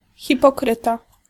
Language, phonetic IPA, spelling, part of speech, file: Polish, [ˌxʲipɔˈkrɨta], hipokryta, noun, Pl-hipokryta.ogg